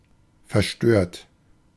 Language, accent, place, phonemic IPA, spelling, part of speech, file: German, Germany, Berlin, /fɛɐˈʃtøːɐt/, verstört, verb / adjective, De-verstört.ogg
- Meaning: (verb) past participle of verstören; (adjective) disturbed; distraught